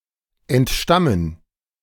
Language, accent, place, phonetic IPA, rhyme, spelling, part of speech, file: German, Germany, Berlin, [ɛntˈʃtamən], -amən, entstammen, verb, De-entstammen.ogg
- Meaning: 1. to come from 2. to derive or stem from